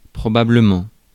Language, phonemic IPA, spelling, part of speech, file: French, /pʁɔ.ba.blə.mɑ̃/, probablement, adverb, Fr-probablement.ogg
- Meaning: probably